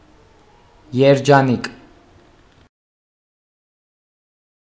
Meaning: happy, fortunate, lucky
- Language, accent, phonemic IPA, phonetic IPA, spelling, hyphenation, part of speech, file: Armenian, Eastern Armenian, /jeɾd͡ʒɑˈnik/, [jeɾd͡ʒɑník], երջանիկ, եր‧ջա‧նիկ, adjective, Hy-երջանիկ.ogg